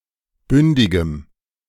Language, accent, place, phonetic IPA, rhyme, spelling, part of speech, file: German, Germany, Berlin, [ˈbʏndɪɡəm], -ʏndɪɡəm, bündigem, adjective, De-bündigem.ogg
- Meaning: strong dative masculine/neuter singular of bündig